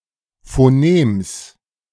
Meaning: genitive singular of Phonem
- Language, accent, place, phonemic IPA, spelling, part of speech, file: German, Germany, Berlin, /foˈneːms/, Phonems, noun, De-Phonems.ogg